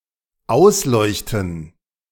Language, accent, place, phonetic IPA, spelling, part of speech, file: German, Germany, Berlin, [ˈaʊ̯sˌlɔɪ̯çtn̩], ausleuchten, verb, De-ausleuchten.ogg
- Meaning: to illuminate, to light up